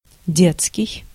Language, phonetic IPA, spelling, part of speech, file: Russian, [ˈdʲet͡skʲɪj], детский, adjective, Ru-детский.ogg
- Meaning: 1. child; child's, children's 2. childish 3. baby